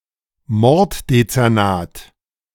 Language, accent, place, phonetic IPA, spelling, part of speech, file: German, Germany, Berlin, [ˈmɔʁtdet͡sɛʁˌnaːt], Morddezernat, noun, De-Morddezernat.ogg
- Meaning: homicide division; division of a police force which is responsible for investigating homicides